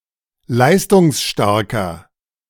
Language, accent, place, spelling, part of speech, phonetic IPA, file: German, Germany, Berlin, leistungsstarker, adjective, [ˈlaɪ̯stʊŋsˌʃtaʁkɐ], De-leistungsstarker.ogg
- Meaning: inflection of leistungsstark: 1. strong/mixed nominative masculine singular 2. strong genitive/dative feminine singular 3. strong genitive plural